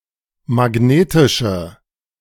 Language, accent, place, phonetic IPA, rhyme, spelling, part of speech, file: German, Germany, Berlin, [maˈɡneːtɪʃə], -eːtɪʃə, magnetische, adjective, De-magnetische.ogg
- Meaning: inflection of magnetisch: 1. strong/mixed nominative/accusative feminine singular 2. strong nominative/accusative plural 3. weak nominative all-gender singular